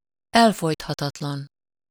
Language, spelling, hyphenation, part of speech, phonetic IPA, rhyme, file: Hungarian, elfojthatatlan, el‧fojt‧ha‧tat‧lan, adjective, [ˈɛlfojthɒtɒtlɒn], -ɒn, Hu-elfojthatatlan.ogg
- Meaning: irrepressible, unsuppressible